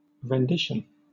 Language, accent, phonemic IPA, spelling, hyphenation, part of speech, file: English, Southern England, /ɹɛnˈdɪʃ(ə)n/, rendition, ren‧di‧tion, noun / verb, LL-Q1860 (eng)-rendition.wav
- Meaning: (noun) 1. An interpretation or performance of an artwork, especially a musical score or musical work 2. A given visual reproduction of something